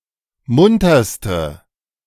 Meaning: inflection of munter: 1. strong/mixed nominative/accusative feminine singular superlative degree 2. strong nominative/accusative plural superlative degree
- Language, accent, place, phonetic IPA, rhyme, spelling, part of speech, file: German, Germany, Berlin, [ˈmʊntɐstə], -ʊntɐstə, munterste, adjective, De-munterste.ogg